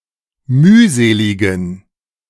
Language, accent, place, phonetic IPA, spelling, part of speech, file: German, Germany, Berlin, [ˈmyːˌzeːlɪɡn̩], mühseligen, adjective, De-mühseligen.ogg
- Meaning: inflection of mühselig: 1. strong genitive masculine/neuter singular 2. weak/mixed genitive/dative all-gender singular 3. strong/weak/mixed accusative masculine singular 4. strong dative plural